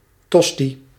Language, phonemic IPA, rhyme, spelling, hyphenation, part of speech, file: Dutch, /ˈtɔs.ti/, -ɔsti, tosti, tos‧ti, noun, Nl-tosti.ogg
- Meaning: a toasted sandwich containing cheese, usually ham and optionally other ingredients and condiments; a toastie